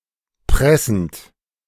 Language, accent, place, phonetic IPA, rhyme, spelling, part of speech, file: German, Germany, Berlin, [ˈpʁɛsn̩t], -ɛsn̩t, pressend, verb, De-pressend.ogg
- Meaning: present participle of pressen